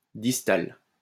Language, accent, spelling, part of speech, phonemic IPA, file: French, France, distal, adjective, /dis.tal/, LL-Q150 (fra)-distal.wav
- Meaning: distal